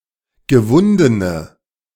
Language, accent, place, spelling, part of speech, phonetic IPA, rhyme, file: German, Germany, Berlin, gewundene, adjective, [ɡəˈvʊndənə], -ʊndənə, De-gewundene.ogg
- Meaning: inflection of gewunden: 1. strong/mixed nominative/accusative feminine singular 2. strong nominative/accusative plural 3. weak nominative all-gender singular